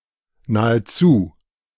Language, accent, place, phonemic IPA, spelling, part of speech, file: German, Germany, Berlin, /naːəˈt͡su/, nahezu, adverb, De-nahezu.ogg
- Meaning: almost, nearly, virtually (qualifying a property or amount)